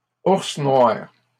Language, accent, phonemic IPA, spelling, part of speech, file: French, Canada, /uʁs nwaʁ/, ours noir, noun, LL-Q150 (fra)-ours noir.wav
- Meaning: black bear